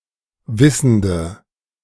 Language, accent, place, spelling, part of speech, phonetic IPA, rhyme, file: German, Germany, Berlin, wissende, adjective, [ˈvɪsn̩də], -ɪsn̩də, De-wissende.ogg
- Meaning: inflection of wissend: 1. strong/mixed nominative/accusative feminine singular 2. strong nominative/accusative plural 3. weak nominative all-gender singular 4. weak accusative feminine/neuter singular